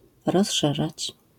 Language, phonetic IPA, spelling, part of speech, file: Polish, [rɔsˈʃɛʒat͡ɕ], rozszerzać, verb, LL-Q809 (pol)-rozszerzać.wav